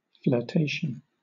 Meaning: 1. Playing at courtship; coquetry 2. An instance of flirting 3. A period of experimentation with or interest in a particular idea or activity
- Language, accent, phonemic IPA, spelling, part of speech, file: English, Southern England, /fləˈteɪʃn̩/, flirtation, noun, LL-Q1860 (eng)-flirtation.wav